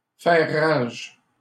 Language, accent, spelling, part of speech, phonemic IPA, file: French, Canada, faire rage, verb, /fɛʁ ʁaʒ/, LL-Q150 (fra)-faire rage.wav
- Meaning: to rage (to move with great violence)